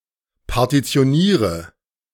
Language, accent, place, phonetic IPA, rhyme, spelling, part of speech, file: German, Germany, Berlin, [paʁtit͡si̯oˈniːʁə], -iːʁə, partitioniere, verb, De-partitioniere.ogg
- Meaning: inflection of partitionieren: 1. first-person singular present 2. first/third-person singular subjunctive I 3. singular imperative